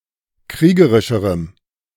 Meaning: strong dative masculine/neuter singular comparative degree of kriegerisch
- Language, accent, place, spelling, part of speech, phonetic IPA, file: German, Germany, Berlin, kriegerischerem, adjective, [ˈkʁiːɡəʁɪʃəʁəm], De-kriegerischerem.ogg